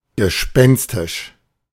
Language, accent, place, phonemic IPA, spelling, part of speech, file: German, Germany, Berlin, /ɡəˈʃpɛnstɪʃ/, gespenstisch, adjective, De-gespenstisch.ogg
- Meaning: ghastly, spooky, ghostly